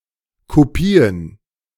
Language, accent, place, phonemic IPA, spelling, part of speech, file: German, Germany, Berlin, /koˈpiːən/, Kopien, noun, De-Kopien.ogg
- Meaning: plural of Kopie